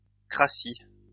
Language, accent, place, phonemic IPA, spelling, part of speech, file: French, France, Lyon, /kʁa.si/, -cratie, suffix, LL-Q150 (fra)--cratie.wav
- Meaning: -cracy